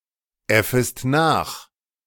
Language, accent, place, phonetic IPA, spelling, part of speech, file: German, Germany, Berlin, [ˌɛfəst ˈnaːx], äffest nach, verb, De-äffest nach.ogg
- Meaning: second-person singular subjunctive I of nachäffen